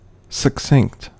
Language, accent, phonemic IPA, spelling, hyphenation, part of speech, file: English, General American, /sə(k)ˈsɪŋ(k)t/, succinct, suc‧cinct, adjective / adverb, En-us-succinct.ogg
- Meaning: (adjective) Encircled by, or as if by, a girdle; drawn up or wrapped tightly